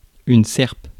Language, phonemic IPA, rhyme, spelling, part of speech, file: French, /sɛʁp/, -ɛʁp, serpe, noun, Fr-serpe.ogg
- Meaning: billhook, pruning hook, sickle (agricultural implement often with a curved or hooked end to the blade used for pruning or cutting thick, woody plants)